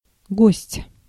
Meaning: 1. guest, visitor 2. merchant, especially one that trades overseas
- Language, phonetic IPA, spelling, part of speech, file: Russian, [ɡosʲtʲ], гость, noun, Ru-гость.ogg